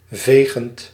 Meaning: present participle of vegen
- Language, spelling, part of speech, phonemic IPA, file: Dutch, vegend, verb / adjective, /ˈveɣənt/, Nl-vegend.ogg